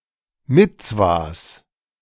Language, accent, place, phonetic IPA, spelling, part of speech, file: German, Germany, Berlin, [ˈmɪt͡svas], Mitzwas, noun, De-Mitzwas.ogg
- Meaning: plural of Mitzwa